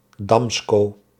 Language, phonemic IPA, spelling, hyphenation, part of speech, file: Dutch, /ˈdɑmskoː/, Damsko, Dam‧sko, proper noun, Nl-Damsko.ogg
- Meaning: Amsterdam